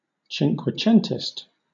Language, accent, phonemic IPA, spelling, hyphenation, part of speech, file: English, Southern England, /tʃiŋkwɛˈtʃɛntɪst/, Cinquecentist, Cin‧que‧cent‧ist, adjective / noun, LL-Q1860 (eng)-Cinquecentist.wav
- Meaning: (adjective) Of or pertaining to the art of Italy in the sixteenth century; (noun) An Italian of the sixteenth century, especially a poet or an artist